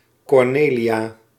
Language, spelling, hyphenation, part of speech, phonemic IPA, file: Dutch, Cornelia, Cor‧ne‧lia, proper noun, /ˌkɔrˈneː.li.aː/, Nl-Cornelia.ogg
- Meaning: a female given name